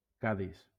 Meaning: 1. Cadiz (a port city and municipality, the provincial capital of Cadiz, Andalusia, Spain) 2. Cadiz (a province of Andalusia, Spain)
- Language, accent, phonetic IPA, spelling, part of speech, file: Catalan, Valencia, [ˈka.ðis], Cadis, proper noun, LL-Q7026 (cat)-Cadis.wav